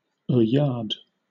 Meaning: A glance, especially an amorous one; an ogle
- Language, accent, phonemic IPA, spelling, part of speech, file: English, Southern England, /əːˈjɑːd/, oeillade, noun, LL-Q1860 (eng)-oeillade.wav